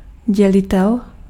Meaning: divisor
- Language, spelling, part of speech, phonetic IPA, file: Czech, dělitel, noun, [ˈɟɛlɪtɛl], Cs-dělitel.ogg